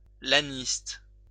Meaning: owner and trainer of gladiators
- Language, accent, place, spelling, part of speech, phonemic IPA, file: French, France, Lyon, laniste, noun, /la.nist/, LL-Q150 (fra)-laniste.wav